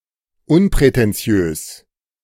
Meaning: unpretentious
- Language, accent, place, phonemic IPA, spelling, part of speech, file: German, Germany, Berlin, /ˈʊnpʁɛtɛnˌt͡sɪ̯øːs/, unprätentiös, adjective, De-unprätentiös.ogg